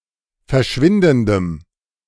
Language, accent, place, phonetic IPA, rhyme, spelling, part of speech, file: German, Germany, Berlin, [fɛɐ̯ˈʃvɪndn̩dəm], -ɪndn̩dəm, verschwindendem, adjective, De-verschwindendem.ogg
- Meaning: strong dative masculine/neuter singular of verschwindend